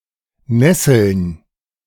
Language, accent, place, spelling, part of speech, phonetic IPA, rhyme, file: German, Germany, Berlin, Nesseln, noun, [ˈnɛsl̩n], -ɛsl̩n, De-Nesseln.ogg
- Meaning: plural of Nessel